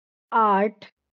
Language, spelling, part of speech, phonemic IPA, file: Marathi, आठ, numeral, /aʈʰ/, LL-Q1571 (mar)-आठ.wav
- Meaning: eight